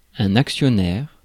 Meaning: shareholder
- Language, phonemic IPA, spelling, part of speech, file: French, /ak.sjɔ.nɛʁ/, actionnaire, noun, Fr-actionnaire.ogg